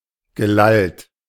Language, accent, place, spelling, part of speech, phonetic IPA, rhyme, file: German, Germany, Berlin, gelallt, verb, [ɡəˈlalt], -alt, De-gelallt.ogg
- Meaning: past participle of lallen